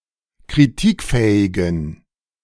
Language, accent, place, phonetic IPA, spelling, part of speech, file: German, Germany, Berlin, [kʁiˈtiːkˌfɛːɪɡn̩], kritikfähigen, adjective, De-kritikfähigen.ogg
- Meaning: inflection of kritikfähig: 1. strong genitive masculine/neuter singular 2. weak/mixed genitive/dative all-gender singular 3. strong/weak/mixed accusative masculine singular 4. strong dative plural